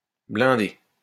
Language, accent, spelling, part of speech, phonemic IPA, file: French, France, blinder, verb, /blɛ̃.de/, LL-Q150 (fra)-blinder.wav
- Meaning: to armor; to reinforce